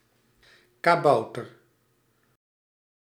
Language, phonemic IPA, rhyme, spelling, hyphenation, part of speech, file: Dutch, /ˌkaːˈbɑu̯.tər/, -ɑu̯tər, kabouter, ka‧bou‧ter, noun, Nl-kabouter.ogg